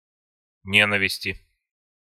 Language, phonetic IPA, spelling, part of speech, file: Russian, [ˈnʲenəvʲɪsʲtʲɪ], ненависти, noun, Ru-ненависти.ogg
- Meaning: inflection of не́нависть (nénavistʹ): 1. genitive/dative/prepositional singular 2. nominative/accusative plural